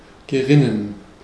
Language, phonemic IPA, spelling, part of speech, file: German, /ɡəˈʁɪnən/, gerinnen, verb, De-gerinnen.ogg
- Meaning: to coagulate (become congealed)